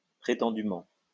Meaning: allegedly (according to someone's allegation)
- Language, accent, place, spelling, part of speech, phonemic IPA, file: French, France, Lyon, prétendument, adverb, /pʁe.tɑ̃.dy.mɑ̃/, LL-Q150 (fra)-prétendument.wav